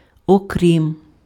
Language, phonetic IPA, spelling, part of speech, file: Ukrainian, [oˈkrʲim], окрім, preposition, Uk-окрім.ogg
- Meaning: alternative form of крім (krim)